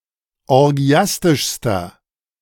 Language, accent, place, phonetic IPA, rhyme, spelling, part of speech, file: German, Germany, Berlin, [ɔʁˈɡi̯astɪʃstɐ], -astɪʃstɐ, orgiastischster, adjective, De-orgiastischster.ogg
- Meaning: inflection of orgiastisch: 1. strong/mixed nominative masculine singular superlative degree 2. strong genitive/dative feminine singular superlative degree 3. strong genitive plural superlative degree